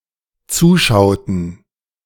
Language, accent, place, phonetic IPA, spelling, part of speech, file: German, Germany, Berlin, [ˈt͡suːˌʃaʊ̯tn̩], zuschauten, verb, De-zuschauten.ogg
- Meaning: inflection of zuschauen: 1. first/third-person plural dependent preterite 2. first/third-person plural dependent subjunctive II